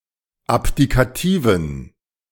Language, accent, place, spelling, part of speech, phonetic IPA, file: German, Germany, Berlin, abdikativen, adjective, [ˈapdikaˌtiːvən], De-abdikativen.ogg
- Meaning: inflection of abdikativ: 1. strong genitive masculine/neuter singular 2. weak/mixed genitive/dative all-gender singular 3. strong/weak/mixed accusative masculine singular 4. strong dative plural